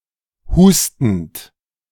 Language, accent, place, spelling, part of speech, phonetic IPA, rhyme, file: German, Germany, Berlin, hustend, verb, [ˈhuːstn̩t], -uːstn̩t, De-hustend.ogg
- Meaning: present participle of husten